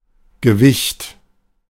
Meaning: 1. weight 2. importance
- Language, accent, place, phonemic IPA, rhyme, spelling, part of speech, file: German, Germany, Berlin, /ɡəˈvɪçt/, -ɪçt, Gewicht, noun, De-Gewicht.ogg